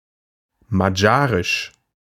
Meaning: alternative form of magyarisch
- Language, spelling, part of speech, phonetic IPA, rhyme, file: German, madjarisch, adjective, [maˈdjaːʁɪʃ], -aːʁɪʃ, De-madjarisch.ogg